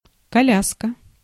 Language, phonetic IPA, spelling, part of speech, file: Russian, [kɐˈlʲaskə], коляска, noun, Ru-коляска.ogg
- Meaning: 1. baby carriage, stroller, perambulator, pram 2. carriage (and horse), barouche 3. wheelchair 4. sidecar, buddy seat